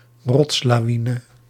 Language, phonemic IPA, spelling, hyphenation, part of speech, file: Dutch, /ˈrɔts.laːˌʋi.nə/, rotslawine, rots‧la‧wi‧ne, noun, Nl-rotslawine.ogg
- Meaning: rockslide